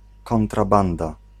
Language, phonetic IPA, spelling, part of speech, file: Polish, [ˌkɔ̃ntraˈbãnda], kontrabanda, noun, Pl-kontrabanda.ogg